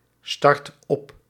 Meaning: inflection of opstarten: 1. first/second/third-person singular present indicative 2. imperative
- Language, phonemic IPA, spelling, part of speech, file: Dutch, /ˈstɑrt ˈɔp/, start op, verb, Nl-start op.ogg